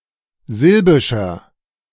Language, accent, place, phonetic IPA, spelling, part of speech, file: German, Germany, Berlin, [ˈzɪlbɪʃɐ], silbischer, adjective, De-silbischer.ogg
- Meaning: inflection of silbisch: 1. strong/mixed nominative masculine singular 2. strong genitive/dative feminine singular 3. strong genitive plural